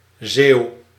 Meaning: a Zeelander, a person from Zeeland, the Netherlands
- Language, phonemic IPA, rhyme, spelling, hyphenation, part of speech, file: Dutch, /zeːu̯/, -eːu̯, Zeeuw, Zeeuw, noun, Nl-Zeeuw.ogg